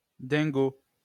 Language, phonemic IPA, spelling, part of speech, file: French, /dɛ̃.ɡo/, dingo, adjective, LL-Q150 (fra)-dingo.wav
- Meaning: 1. mad, crazy, nuts 2. obsessed, infatuated with